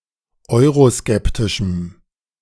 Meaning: strong dative masculine/neuter singular of euroskeptisch
- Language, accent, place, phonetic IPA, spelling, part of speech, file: German, Germany, Berlin, [ˈɔɪ̯ʁoˌskɛptɪʃm̩], euroskeptischem, adjective, De-euroskeptischem.ogg